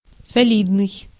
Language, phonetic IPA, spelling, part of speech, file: Russian, [sɐˈlʲidnɨj], солидный, adjective, Ru-солидный.ogg
- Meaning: 1. solid (large, massive) 2. reliable, respectable 3. considerable 4. middle-aged 5. massive, stout (of a person)